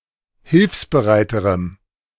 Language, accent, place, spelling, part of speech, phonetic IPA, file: German, Germany, Berlin, hilfsbereiterem, adjective, [ˈhɪlfsbəˌʁaɪ̯təʁəm], De-hilfsbereiterem.ogg
- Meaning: strong dative masculine/neuter singular comparative degree of hilfsbereit